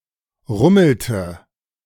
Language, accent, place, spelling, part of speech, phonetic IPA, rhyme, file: German, Germany, Berlin, rummelte, verb, [ˈʁʊml̩tə], -ʊml̩tə, De-rummelte.ogg
- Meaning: inflection of rummeln: 1. first/third-person singular preterite 2. first/third-person singular subjunctive II